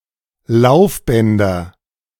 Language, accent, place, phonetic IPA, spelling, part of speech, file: German, Germany, Berlin, [ˈlaʊ̯fˌbɛndɐ], Laufbänder, noun, De-Laufbänder.ogg
- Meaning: nominative/accusative/genitive plural of Laufband